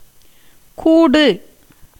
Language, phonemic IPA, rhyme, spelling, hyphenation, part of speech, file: Tamil, /kuːɖɯ/, -ɯ, கூடு, கூ‧டு, noun / verb, Ta-கூடு.ogg
- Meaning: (noun) 1. nest, birdcage, coop, hive 2. pen, cage, kennel 3. dome, cupola 4. case, sheath, quiver, envelope 5. receptacle for grain 6. body (as the receptacle of the soul) 7. basket for catching fish